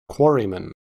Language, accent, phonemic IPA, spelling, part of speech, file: English, US, /ˈkwɔɹ.i.mən/, quarryman, noun, En-us-quarryman.ogg
- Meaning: A man involved in quarrying (mining for stone)